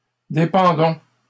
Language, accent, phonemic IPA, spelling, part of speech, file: French, Canada, /de.pɑ̃.dɔ̃/, dépendons, verb, LL-Q150 (fra)-dépendons.wav
- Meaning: inflection of dépendre: 1. first-person plural present indicative 2. first-person plural imperative